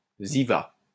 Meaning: keep going!
- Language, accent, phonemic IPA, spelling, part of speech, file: French, France, /zi.va/, zyva, interjection / noun, LL-Q150 (fra)-zyva.wav